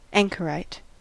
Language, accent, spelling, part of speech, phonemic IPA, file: English, US, anchorite, noun, /ˈæŋ.kə(ˌ)ɹaɪt/, En-us-anchorite.ogg
- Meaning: One who lives in isolation or seclusion, especially for religious reasons; hermit